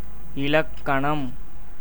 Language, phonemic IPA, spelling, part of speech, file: Tamil, /ɪlɐkːɐɳɐm/, இலக்கணம், noun, Ta-இலக்கணம்.ogg
- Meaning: 1. definition; accurate description 2. quality, property, attribute, characteristic 3. sign, symbol, distinctive mark 4. grammar